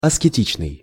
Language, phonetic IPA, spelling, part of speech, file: Russian, [ɐskʲɪˈtʲit͡ɕnɨj], аскетичный, adjective, Ru-аскетичный.ogg
- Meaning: ascetic (related to Ascetics)